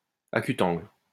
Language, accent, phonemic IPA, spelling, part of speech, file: French, France, /a.ky.tɑ̃ɡl/, acutangle, adjective, LL-Q150 (fra)-acutangle.wav
- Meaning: acute, acute-angled